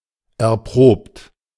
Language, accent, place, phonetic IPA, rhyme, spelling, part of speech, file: German, Germany, Berlin, [ɛɐ̯ˈpʁoːpt], -oːpt, erprobt, adjective / verb, De-erprobt.ogg
- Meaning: 1. past participle of erproben 2. inflection of erproben: third-person singular present 3. inflection of erproben: second-person plural present 4. inflection of erproben: plural imperative